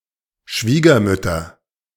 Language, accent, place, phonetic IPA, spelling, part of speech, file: German, Germany, Berlin, [ˈʃviːɡɐˌmʏtɐ], Schwiegermütter, noun, De-Schwiegermütter.ogg
- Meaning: nominative/accusative/genitive plural of Schwiegermutter